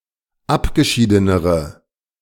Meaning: inflection of abgeschieden: 1. strong/mixed nominative/accusative feminine singular comparative degree 2. strong nominative/accusative plural comparative degree
- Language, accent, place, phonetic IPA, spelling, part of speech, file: German, Germany, Berlin, [ˈapɡəˌʃiːdənəʁə], abgeschiedenere, adjective, De-abgeschiedenere.ogg